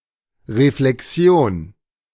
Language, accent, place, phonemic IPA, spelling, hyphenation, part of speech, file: German, Germany, Berlin, /reflɛkˈsi̯oːn/, Reflexion, Re‧fle‧xi‧on, noun, De-Reflexion.ogg
- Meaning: 1. reflection (act of reflecting; thinking) 2. reflection (the state of being reflected) 3. reflection